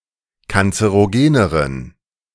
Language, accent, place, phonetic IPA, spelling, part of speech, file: German, Germany, Berlin, [kant͡səʁoˈɡeːnəʁən], kanzerogeneren, adjective, De-kanzerogeneren.ogg
- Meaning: inflection of kanzerogen: 1. strong genitive masculine/neuter singular comparative degree 2. weak/mixed genitive/dative all-gender singular comparative degree